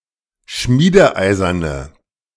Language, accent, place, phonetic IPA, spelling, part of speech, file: German, Germany, Berlin, [ˈʃmiːdəˌʔaɪ̯zɐnə], schmiedeeiserne, adjective, De-schmiedeeiserne.ogg
- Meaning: inflection of schmiedeeisern: 1. strong/mixed nominative/accusative feminine singular 2. strong nominative/accusative plural 3. weak nominative all-gender singular